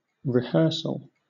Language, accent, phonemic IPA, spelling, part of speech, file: English, Southern England, /ɹɪˈhɜːsl̩/, rehearsal, noun, LL-Q1860 (eng)-rehearsal.wav